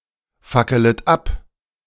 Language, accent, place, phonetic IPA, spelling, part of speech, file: German, Germany, Berlin, [ˌfakələt ˈap], fackelet ab, verb, De-fackelet ab.ogg
- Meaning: second-person plural subjunctive I of abfackeln